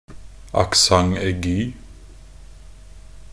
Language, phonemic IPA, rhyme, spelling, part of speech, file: Norwegian Bokmål, /akˈsaŋ.ɛɡyː/, -yː, accent aigu, noun, Nb-accent aigu.ogg
- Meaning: an acute accent (a diacritical mark ( ´ ) that can be placed above a number of letters in many languages)